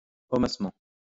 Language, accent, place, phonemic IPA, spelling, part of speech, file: French, France, Lyon, /ɔ.mas.mɑ̃/, hommassement, adverb, LL-Q150 (fra)-hommassement.wav
- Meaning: mannishly